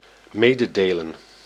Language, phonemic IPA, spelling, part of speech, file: Dutch, /ˈmedəˌdelən/, mededelen, verb, Nl-mededelen.ogg
- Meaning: alternative form of meedelen